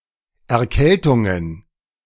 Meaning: plural of Erkältung
- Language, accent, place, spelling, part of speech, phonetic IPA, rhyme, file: German, Germany, Berlin, Erkältungen, noun, [ɛɐ̯ˈkɛltʊŋən], -ɛltʊŋən, De-Erkältungen.ogg